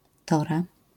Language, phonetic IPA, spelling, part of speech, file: Polish, [ˈtɔra], Tora, proper noun, LL-Q809 (pol)-Tora.wav